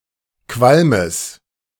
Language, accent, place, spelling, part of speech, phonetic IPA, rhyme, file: German, Germany, Berlin, Qualmes, noun, [ˈkvalməs], -alməs, De-Qualmes.ogg
- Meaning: genitive singular of Qualm